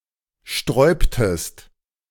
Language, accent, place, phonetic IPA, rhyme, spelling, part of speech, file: German, Germany, Berlin, [ˈʃtʁɔɪ̯ptəst], -ɔɪ̯ptəst, sträubtest, verb, De-sträubtest.ogg
- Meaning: inflection of sträuben: 1. second-person singular preterite 2. second-person singular subjunctive II